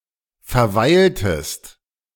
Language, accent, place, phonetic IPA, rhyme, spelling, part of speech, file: German, Germany, Berlin, [fɛɐ̯ˈvaɪ̯ltəst], -aɪ̯ltəst, verweiltest, verb, De-verweiltest.ogg
- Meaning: inflection of verweilen: 1. second-person singular preterite 2. second-person singular subjunctive II